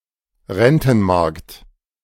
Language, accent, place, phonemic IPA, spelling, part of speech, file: German, Germany, Berlin, /ˈʁɛntn̩ˌmaʁkt/, Rentenmarkt, noun, De-Rentenmarkt.ogg
- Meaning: bond market